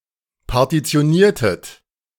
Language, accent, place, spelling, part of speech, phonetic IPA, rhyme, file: German, Germany, Berlin, partitioniertet, verb, [paʁtit͡si̯oˈniːɐ̯tət], -iːɐ̯tət, De-partitioniertet.ogg
- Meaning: inflection of partitionieren: 1. second-person plural preterite 2. second-person plural subjunctive II